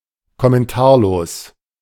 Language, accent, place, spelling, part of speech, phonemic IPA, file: German, Germany, Berlin, kommentarlos, adjective, /kɔmɛnˈtaːɐ̯loːs/, De-kommentarlos.ogg
- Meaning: lacking commentary